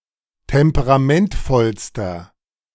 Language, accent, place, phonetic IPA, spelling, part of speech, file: German, Germany, Berlin, [ˌtɛmpəʁaˈmɛntfɔlstɐ], temperamentvollster, adjective, De-temperamentvollster.ogg
- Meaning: inflection of temperamentvoll: 1. strong/mixed nominative masculine singular superlative degree 2. strong genitive/dative feminine singular superlative degree